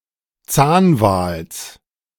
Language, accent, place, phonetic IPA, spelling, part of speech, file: German, Germany, Berlin, [ˈt͡saːnˌvaːls], Zahnwals, noun, De-Zahnwals.ogg
- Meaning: genitive singular of Zahnwal